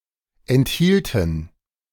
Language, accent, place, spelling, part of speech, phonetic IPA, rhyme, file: German, Germany, Berlin, enthielten, verb, [ɛntˈhiːltn̩], -iːltn̩, De-enthielten.ogg
- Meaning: first/third-person plural preterite of enthalten